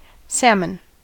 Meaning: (noun) One of several species of fish, typically of the Salmoninae subfamily, brownish above with silvery sides and delicate pinkish-orange flesh; they ascend rivers to spawn
- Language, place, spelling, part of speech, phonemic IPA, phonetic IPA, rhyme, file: English, California, salmon, noun / adjective / verb, /ˈsæmən/, [ˈsɛəmən], -æmən, En-us-salmon.ogg